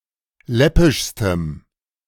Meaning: strong dative masculine/neuter singular superlative degree of läppisch
- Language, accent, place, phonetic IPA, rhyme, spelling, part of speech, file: German, Germany, Berlin, [ˈlɛpɪʃstəm], -ɛpɪʃstəm, läppischstem, adjective, De-läppischstem.ogg